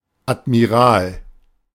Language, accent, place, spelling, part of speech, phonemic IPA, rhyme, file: German, Germany, Berlin, Admiral, noun, /atmiˈʁaːl/, -aːl, De-Admiral.ogg
- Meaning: admiral (male or of unspecified gender)